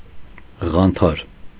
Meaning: 1. big scales in a marketplace 2. marketplace
- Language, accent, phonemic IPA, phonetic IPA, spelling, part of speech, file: Armenian, Eastern Armenian, /ʁɑnˈtʰɑɾ/, [ʁɑntʰɑ́ɾ], ղանթար, noun, Hy-ղանթար.ogg